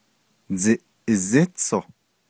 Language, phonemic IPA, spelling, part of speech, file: Navajo, /t͡sɪ̀ʔɪ̀zɪ́t͡sʰòh/, dziʼizítsoh, noun, Nv-dziʼizítsoh.ogg
- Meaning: motorcycle